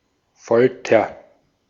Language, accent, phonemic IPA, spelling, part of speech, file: German, Austria, /ˈfɔltɐ/, Folter, noun, De-at-Folter.ogg
- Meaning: torture